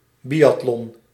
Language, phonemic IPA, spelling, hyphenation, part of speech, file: Dutch, /ˈbi.ɑtˌlɔn/, biatlon, bi‧at‧lon, noun, Nl-biatlon.ogg
- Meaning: 1. biathlon 2. a biathlon